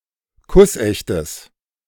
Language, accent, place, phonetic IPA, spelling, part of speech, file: German, Germany, Berlin, [ˈkʊsˌʔɛçtəs], kussechtes, adjective, De-kussechtes.ogg
- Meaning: strong/mixed nominative/accusative neuter singular of kussecht